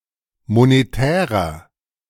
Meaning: inflection of monetär: 1. strong/mixed nominative masculine singular 2. strong genitive/dative feminine singular 3. strong genitive plural
- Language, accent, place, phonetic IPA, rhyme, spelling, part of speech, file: German, Germany, Berlin, [moneˈtɛːʁɐ], -ɛːʁɐ, monetärer, adjective, De-monetärer.ogg